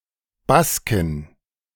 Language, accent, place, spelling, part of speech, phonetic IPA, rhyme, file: German, Germany, Berlin, Baskin, noun, [ˈbaskɪn], -askɪn, De-Baskin.ogg
- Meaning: female Basque (female member of a people)